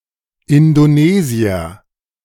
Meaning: Indonesian ([male or female] man from Indonesia)
- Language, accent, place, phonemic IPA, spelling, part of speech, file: German, Germany, Berlin, /ɪndoˈneːziɐ/, Indonesier, noun, De-Indonesier.ogg